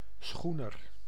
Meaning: schooner (type of sailing ship)
- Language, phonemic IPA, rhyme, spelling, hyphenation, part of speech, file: Dutch, /ˈsxu.nər/, -unər, schoener, schoe‧ner, noun, Nl-schoener.ogg